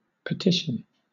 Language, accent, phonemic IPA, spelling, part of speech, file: English, Southern England, /pəˈtɪʃ.ən/, petition, noun / verb, LL-Q1860 (eng)-petition.wav